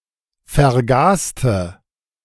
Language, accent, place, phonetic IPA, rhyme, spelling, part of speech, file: German, Germany, Berlin, [fɛɐ̯ˈɡaːstə], -aːstə, vergaste, adjective / verb, De-vergaste.ogg
- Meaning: inflection of vergasen: 1. first/third-person singular preterite 2. first/third-person singular subjunctive II